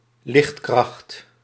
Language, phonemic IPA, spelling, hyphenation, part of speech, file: Dutch, /ˈlɪxt.krɑxt/, lichtkracht, licht‧kracht, noun, Nl-lichtkracht.ogg
- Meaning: luminosity